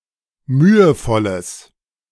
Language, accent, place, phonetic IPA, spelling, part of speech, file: German, Germany, Berlin, [ˈmyːəˌfɔləs], mühevolles, adjective, De-mühevolles.ogg
- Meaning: strong/mixed nominative/accusative neuter singular of mühevoll